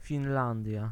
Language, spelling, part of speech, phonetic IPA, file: Polish, Finlandia, proper noun, [fʲĩnˈlãndʲja], Pl-Finlandia.ogg